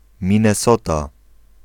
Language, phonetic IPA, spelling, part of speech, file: Polish, [ˌmʲĩnːɛˈsɔta], Minnesota, proper noun, Pl-Minnesota.ogg